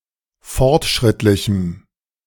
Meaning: strong dative masculine/neuter singular of fortschrittlich
- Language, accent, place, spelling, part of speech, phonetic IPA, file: German, Germany, Berlin, fortschrittlichem, adjective, [ˈfɔʁtˌʃʁɪtlɪçm̩], De-fortschrittlichem.ogg